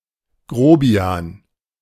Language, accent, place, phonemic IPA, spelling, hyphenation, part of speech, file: German, Germany, Berlin, /ˈɡroː.bi̯aːn/, Grobian, Gro‧bi‧an, noun, De-Grobian.ogg
- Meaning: boor, brute, ruffian